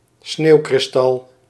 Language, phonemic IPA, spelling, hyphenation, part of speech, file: Dutch, /ˈsneːu̯.krɪsˌtɑl/, sneeuwkristal, sneeuw‧kris‧tal, noun, Nl-sneeuwkristal.ogg
- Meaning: snow crystal